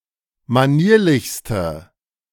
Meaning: inflection of manierlich: 1. strong/mixed nominative/accusative feminine singular superlative degree 2. strong nominative/accusative plural superlative degree
- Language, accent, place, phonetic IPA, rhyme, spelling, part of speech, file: German, Germany, Berlin, [maˈniːɐ̯lɪçstə], -iːɐ̯lɪçstə, manierlichste, adjective, De-manierlichste.ogg